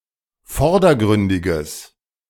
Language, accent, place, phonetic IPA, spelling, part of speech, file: German, Germany, Berlin, [ˈfɔʁdɐˌɡʁʏndɪɡəs], vordergründiges, adjective, De-vordergründiges.ogg
- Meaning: strong/mixed nominative/accusative neuter singular of vordergründig